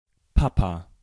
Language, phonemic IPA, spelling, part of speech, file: German, /ˈpapa/, Papa, noun, De-Papa.ogg
- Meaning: dad, daddy